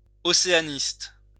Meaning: Oceanianist, specialist in the study of Oceania and its peoples
- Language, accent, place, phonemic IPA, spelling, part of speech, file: French, France, Lyon, /ɔ.se.a.nist/, océaniste, noun, LL-Q150 (fra)-océaniste.wav